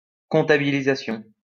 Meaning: counting, accounting
- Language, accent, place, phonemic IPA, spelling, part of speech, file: French, France, Lyon, /kɔ̃.ta.bi.li.za.sjɔ̃/, comptabilisation, noun, LL-Q150 (fra)-comptabilisation.wav